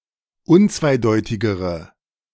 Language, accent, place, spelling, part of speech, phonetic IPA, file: German, Germany, Berlin, unzweideutigere, adjective, [ˈʊnt͡svaɪ̯ˌdɔɪ̯tɪɡəʁə], De-unzweideutigere.ogg
- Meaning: inflection of unzweideutig: 1. strong/mixed nominative/accusative feminine singular comparative degree 2. strong nominative/accusative plural comparative degree